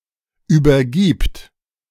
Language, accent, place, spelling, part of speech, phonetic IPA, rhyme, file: German, Germany, Berlin, übergibt, verb, [ˌyːbɐˈɡiːpt], -iːpt, De-übergibt.ogg
- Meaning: third-person singular present of übergeben